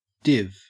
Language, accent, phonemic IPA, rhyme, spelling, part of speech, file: English, Australia, /ˈdɪv/, -ɪv, div, noun / verb, En-au-div.ogg
- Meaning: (noun) 1. A function, implemented in many programming languages, that returns the result of a division of two integers 2. A section of a web page, or the div element that represents it in HTML code